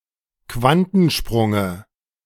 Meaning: dative of Quantensprung
- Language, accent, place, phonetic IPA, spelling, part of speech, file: German, Germany, Berlin, [ˈkvantn̩ˌʃpʁʊŋə], Quantensprunge, noun, De-Quantensprunge.ogg